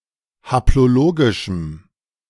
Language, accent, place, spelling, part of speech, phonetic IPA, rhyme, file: German, Germany, Berlin, haplologischem, adjective, [haploˈloːɡɪʃm̩], -oːɡɪʃm̩, De-haplologischem.ogg
- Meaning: strong dative masculine/neuter singular of haplologisch